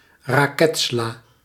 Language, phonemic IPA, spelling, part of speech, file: Dutch, /raˈkɛtsla/, raketsla, noun, Nl-raketsla.ogg
- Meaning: synonym of rucola